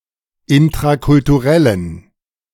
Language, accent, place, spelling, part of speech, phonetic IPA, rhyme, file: German, Germany, Berlin, intrakulturellen, adjective, [ɪntʁakʊltuˈʁɛlən], -ɛlən, De-intrakulturellen.ogg
- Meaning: inflection of intrakulturell: 1. strong genitive masculine/neuter singular 2. weak/mixed genitive/dative all-gender singular 3. strong/weak/mixed accusative masculine singular 4. strong dative plural